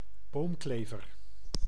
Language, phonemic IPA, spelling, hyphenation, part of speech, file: Dutch, /ˈboːmˌkleː.vər/, boomklever, boom‧kle‧ver, noun, Nl-boomklever.ogg
- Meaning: 1. Eurasian nuthatch, wood nuthatch (Sitta europaea) 2. nuthatch, any passerine bird of the family Sittidae